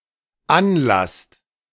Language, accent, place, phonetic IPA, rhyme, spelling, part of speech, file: German, Germany, Berlin, [ˈanˌlast], -anlast, anlasst, verb, De-anlasst.ogg
- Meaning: second-person plural dependent present of anlassen